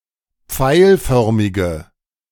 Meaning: inflection of pfeilförmig: 1. strong/mixed nominative/accusative feminine singular 2. strong nominative/accusative plural 3. weak nominative all-gender singular
- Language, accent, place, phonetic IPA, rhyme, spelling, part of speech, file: German, Germany, Berlin, [ˈp͡faɪ̯lˌfœʁmɪɡə], -aɪ̯lfœʁmɪɡə, pfeilförmige, adjective, De-pfeilförmige.ogg